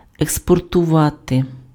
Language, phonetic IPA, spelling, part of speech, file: Ukrainian, [ekspɔrtʊˈʋate], експортувати, verb, Uk-експортувати.ogg
- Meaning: to export